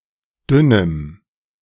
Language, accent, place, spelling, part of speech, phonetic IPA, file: German, Germany, Berlin, dünnem, adjective, [ˈdʏnəm], De-dünnem.ogg
- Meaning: strong dative masculine/neuter singular of dünn